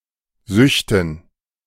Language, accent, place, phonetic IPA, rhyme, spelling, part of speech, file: German, Germany, Berlin, [ˈzʏçtn̩], -ʏçtn̩, Süchten, noun, De-Süchten.ogg
- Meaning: dative plural of Sucht